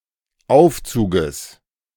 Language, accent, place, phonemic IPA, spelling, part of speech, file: German, Germany, Berlin, /ˈʔaʊ̯fˌtsuːɡəs/, Aufzuges, noun, De-Aufzuges.ogg
- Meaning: genitive singular of Aufzug